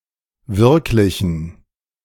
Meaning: inflection of wirklich: 1. strong genitive masculine/neuter singular 2. weak/mixed genitive/dative all-gender singular 3. strong/weak/mixed accusative masculine singular 4. strong dative plural
- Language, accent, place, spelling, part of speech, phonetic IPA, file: German, Germany, Berlin, wirklichen, adjective, [ˈvɪʁklɪçn̩], De-wirklichen.ogg